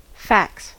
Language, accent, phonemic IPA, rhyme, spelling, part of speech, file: English, US, /fæks/, -æks, fax, noun / verb / interjection, En-us-fax.ogg
- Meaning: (noun) 1. The hair of the head 2. The face 3. Ellipsis of fax machine (“the device for faxing; the medium of communication that it provides”)